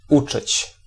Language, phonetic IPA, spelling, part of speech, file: Polish, [ˈut͡ʃɨt͡ɕ], uczyć, verb, Pl-uczyć.ogg